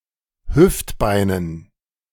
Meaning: dative plural of Hüftbein
- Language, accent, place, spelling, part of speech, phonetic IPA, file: German, Germany, Berlin, Hüftbeinen, noun, [ˈhʏftˌbaɪ̯nən], De-Hüftbeinen.ogg